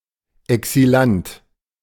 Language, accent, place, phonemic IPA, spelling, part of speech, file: German, Germany, Berlin, /ɛksiˈlant/, Exilant, noun, De-Exilant.ogg
- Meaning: exile (person)